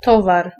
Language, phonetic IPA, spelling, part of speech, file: Polish, [ˈtɔvar], towar, noun, Pl-towar.ogg